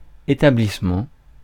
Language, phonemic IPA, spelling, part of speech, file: French, /e.ta.blis.mɑ̃/, établissement, noun, Fr-établissement.ogg
- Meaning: establishment